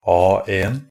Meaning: A1 (a standard paper size, defined by ISO 216)
- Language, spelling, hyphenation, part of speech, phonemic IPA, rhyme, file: Norwegian Bokmål, A1, A‧1, noun, /ˈɑːeːn/, -eːn, NB - Pronunciation of Norwegian Bokmål «A1».ogg